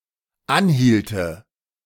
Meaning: first/third-person singular dependent subjunctive II of anhalten
- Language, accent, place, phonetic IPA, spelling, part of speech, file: German, Germany, Berlin, [ˈanˌhiːltə], anhielte, verb, De-anhielte.ogg